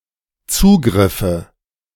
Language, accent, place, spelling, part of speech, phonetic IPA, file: German, Germany, Berlin, Zugriffe, noun, [ˈt͡suːɡʁɪfə], De-Zugriffe.ogg
- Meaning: nominative/accusative/genitive plural of Zugriff